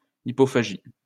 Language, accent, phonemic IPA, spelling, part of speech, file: French, France, /i.pɔ.fa.ʒi/, hippophagie, noun, LL-Q150 (fra)-hippophagie.wav
- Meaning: hippophagy